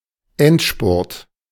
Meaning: final sprint
- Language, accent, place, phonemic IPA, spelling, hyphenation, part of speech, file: German, Germany, Berlin, /ˈɛntˌʃpʊʁt/, Endspurt, End‧spurt, noun, De-Endspurt.ogg